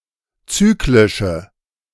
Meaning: inflection of zyklisch: 1. strong/mixed nominative/accusative feminine singular 2. strong nominative/accusative plural 3. weak nominative all-gender singular
- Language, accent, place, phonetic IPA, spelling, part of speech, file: German, Germany, Berlin, [ˈt͡syːklɪʃə], zyklische, adjective, De-zyklische.ogg